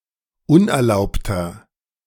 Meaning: 1. comparative degree of unerlaubt 2. inflection of unerlaubt: strong/mixed nominative masculine singular 3. inflection of unerlaubt: strong genitive/dative feminine singular
- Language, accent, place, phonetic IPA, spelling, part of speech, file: German, Germany, Berlin, [ˈʊnʔɛɐ̯ˌlaʊ̯ptɐ], unerlaubter, adjective, De-unerlaubter.ogg